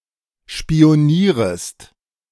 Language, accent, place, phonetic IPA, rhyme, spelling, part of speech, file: German, Germany, Berlin, [ʃpi̯oˈniːʁəst], -iːʁəst, spionierest, verb, De-spionierest.ogg
- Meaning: second-person singular subjunctive I of spionieren